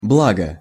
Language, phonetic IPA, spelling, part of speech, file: Russian, [ˈbɫaɡə], благо, noun / adjective / conjunction, Ru-благо.ogg
- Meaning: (noun) 1. good, blessing, benefit 2. good; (adjective) short neuter singular of благо́й (blagój); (conjunction) 1. since, now that 2. the more so because